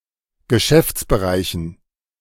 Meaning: dative plural of Geschäftsbereich
- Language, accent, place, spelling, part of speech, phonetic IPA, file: German, Germany, Berlin, Geschäftsbereichen, noun, [ɡəˈʃɛft͡sbəˌʁaɪ̯çn̩], De-Geschäftsbereichen.ogg